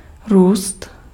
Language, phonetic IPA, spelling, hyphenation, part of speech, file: Czech, [ˈruːst], růst, růst, verb / noun, Cs-růst.ogg
- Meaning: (verb) to grow; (noun) growth